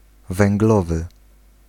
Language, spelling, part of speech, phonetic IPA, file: Polish, węglowy, adjective, [vɛ̃ŋɡˈlɔvɨ], Pl-węglowy.ogg